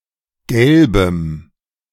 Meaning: strong dative masculine/neuter singular of gelb
- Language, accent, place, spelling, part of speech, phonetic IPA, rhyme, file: German, Germany, Berlin, gelbem, adjective, [ˈɡɛlbəm], -ɛlbəm, De-gelbem.ogg